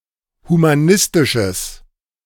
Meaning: strong/mixed nominative/accusative neuter singular of humanistisch
- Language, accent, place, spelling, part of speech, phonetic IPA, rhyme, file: German, Germany, Berlin, humanistisches, adjective, [humaˈnɪstɪʃəs], -ɪstɪʃəs, De-humanistisches.ogg